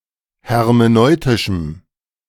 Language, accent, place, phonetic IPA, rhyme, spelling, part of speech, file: German, Germany, Berlin, [hɛʁmeˈnɔɪ̯tɪʃm̩], -ɔɪ̯tɪʃm̩, hermeneutischem, adjective, De-hermeneutischem.ogg
- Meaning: strong dative masculine/neuter singular of hermeneutisch